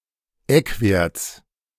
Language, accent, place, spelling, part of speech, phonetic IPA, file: German, Germany, Berlin, Eckwerts, noun, [ˈɛkˌveːɐ̯t͡s], De-Eckwerts.ogg
- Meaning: genitive singular of Eckwert